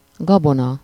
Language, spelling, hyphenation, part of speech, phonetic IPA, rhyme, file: Hungarian, gabona, ga‧bo‧na, noun, [ˈɡɒbonɒ], -nɒ, Hu-gabona.ogg
- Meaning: grain, crop (harvested seeds of various grass-related food crops)